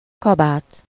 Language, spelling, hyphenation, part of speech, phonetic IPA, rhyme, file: Hungarian, kabát, ka‧bát, noun, [ˈkɒbaːt], -aːt, Hu-kabát.ogg
- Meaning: coat